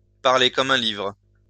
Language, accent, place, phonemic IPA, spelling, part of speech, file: French, France, Lyon, /paʁ.le kɔm œ̃ livʁ/, parler comme un livre, verb, LL-Q150 (fra)-parler comme un livre.wav
- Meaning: to talk like a book